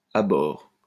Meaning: aboard, on board
- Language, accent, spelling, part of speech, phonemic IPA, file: French, France, à bord, adjective, /a bɔʁ/, LL-Q150 (fra)-à bord.wav